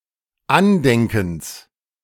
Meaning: genitive singular of Andenken
- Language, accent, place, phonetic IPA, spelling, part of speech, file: German, Germany, Berlin, [ˈanˌdɛŋkn̩s], Andenkens, noun, De-Andenkens.ogg